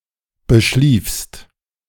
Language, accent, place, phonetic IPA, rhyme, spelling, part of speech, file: German, Germany, Berlin, [bəˈʃliːfst], -iːfst, beschliefst, verb, De-beschliefst.ogg
- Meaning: second-person singular preterite of beschlafen